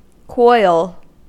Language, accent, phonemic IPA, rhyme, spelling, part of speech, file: English, US, /kɔɪl/, -ɔɪl, coil, noun / verb, En-us-coil.ogg
- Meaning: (noun) 1. Something wound in the form of a helix or spiral 2. Any intrauterine device for contraception (originally coil-shaped)